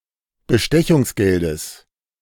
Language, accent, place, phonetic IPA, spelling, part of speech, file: German, Germany, Berlin, [bəˈʃtɛçʊŋsˌɡɛldəs], Bestechungsgeldes, noun, De-Bestechungsgeldes.ogg
- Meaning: genitive singular of Bestechungsgeld